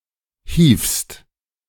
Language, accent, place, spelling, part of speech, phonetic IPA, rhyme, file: German, Germany, Berlin, hievst, verb, [hiːfst], -iːfst, De-hievst.ogg
- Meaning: second-person singular present of hieven